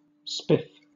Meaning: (adjective) Neat, smartly dressed, attractive; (noun) 1. Attractiveness or charm in dress, appearance, or manner 2. A well-dressed man; a swell
- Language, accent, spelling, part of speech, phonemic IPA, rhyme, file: English, Southern England, spiff, adjective / noun / verb, /spɪf/, -ɪf, LL-Q1860 (eng)-spiff.wav